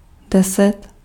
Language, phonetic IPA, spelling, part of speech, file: Czech, [ˈdɛsɛt], deset, numeral, Cs-deset.ogg
- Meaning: ten